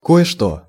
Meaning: a certain something (implies that one knows what it is, but is deliberately refraining from naming what)
- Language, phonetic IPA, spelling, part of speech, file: Russian, [ˌko(j)ɪ ˈʂto], кое-что, pronoun, Ru-кое-что.ogg